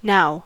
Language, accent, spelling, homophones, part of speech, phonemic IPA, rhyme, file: English, US, now, nao, adjective / adverb / conjunction / interjection / noun / verb, /naʊ/, -aʊ, En-us-now.ogg
- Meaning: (adjective) 1. Present; current 2. Fashionable; popular; up to date; current; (adverb) At the present time